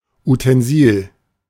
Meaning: utensil
- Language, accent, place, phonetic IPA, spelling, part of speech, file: German, Germany, Berlin, [utɛnˈziːl], Utensil, noun, De-Utensil.ogg